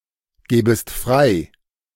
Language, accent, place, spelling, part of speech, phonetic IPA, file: German, Germany, Berlin, gebest frei, verb, [ˌɡeːbəst ˈfʁaɪ̯], De-gebest frei.ogg
- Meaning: second-person singular subjunctive I of freigeben